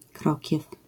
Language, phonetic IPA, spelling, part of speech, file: Polish, [ˈkrɔcɛf], krokiew, noun, LL-Q809 (pol)-krokiew.wav